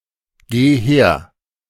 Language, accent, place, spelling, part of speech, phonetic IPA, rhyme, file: German, Germany, Berlin, geh her, verb, [ˌɡeː ˈheːɐ̯], -eːɐ̯, De-geh her.ogg
- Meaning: singular imperative of hergehen